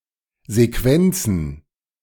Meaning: plural of Sequenz
- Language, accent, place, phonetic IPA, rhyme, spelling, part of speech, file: German, Germany, Berlin, [zeˈkvɛnt͡sn̩], -ɛnt͡sn̩, Sequenzen, noun, De-Sequenzen.ogg